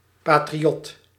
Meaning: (noun) 1. patriot 2. a republican opponent of the House of Orange-Nassau during the second half of the eighteenth century, in favour of centralisation and administrative rationalisation 3. compatriot
- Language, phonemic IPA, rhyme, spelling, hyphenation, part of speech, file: Dutch, /ˌpaː.triˈɔt/, -ɔt, patriot, pa‧tri‧ot, noun / adjective, Nl-patriot.ogg